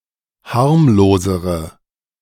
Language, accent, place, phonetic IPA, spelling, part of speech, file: German, Germany, Berlin, [ˈhaʁmloːzəʁə], harmlosere, adjective, De-harmlosere.ogg
- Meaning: inflection of harmlos: 1. strong/mixed nominative/accusative feminine singular comparative degree 2. strong nominative/accusative plural comparative degree